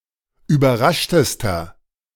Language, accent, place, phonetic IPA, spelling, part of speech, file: German, Germany, Berlin, [yːbɐˈʁaʃtəstɐ], überraschtester, adjective, De-überraschtester.ogg
- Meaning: inflection of überrascht: 1. strong/mixed nominative masculine singular superlative degree 2. strong genitive/dative feminine singular superlative degree 3. strong genitive plural superlative degree